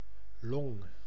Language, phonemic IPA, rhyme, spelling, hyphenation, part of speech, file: Dutch, /lɔŋ/, -ɔŋ, long, long, noun, Nl-long.ogg
- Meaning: lung